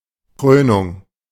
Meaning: 1. crowning, coronation 2. dramatic climax
- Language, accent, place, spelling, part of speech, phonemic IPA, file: German, Germany, Berlin, Krönung, noun, /ˈkʁøːnʊŋ/, De-Krönung.ogg